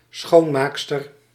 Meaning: female cleaner, female janitor
- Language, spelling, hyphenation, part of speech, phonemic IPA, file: Dutch, schoonmaakster, schoon‧maak‧ster, noun, /ˈsxoː(n)ˌmaːk.stər/, Nl-schoonmaakster.ogg